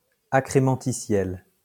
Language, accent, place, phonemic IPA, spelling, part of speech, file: French, France, Lyon, /a.kʁe.mɑ̃.ti.sjɛl/, accrémentitiel, adjective, LL-Q150 (fra)-accrémentitiel.wav
- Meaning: accrementitial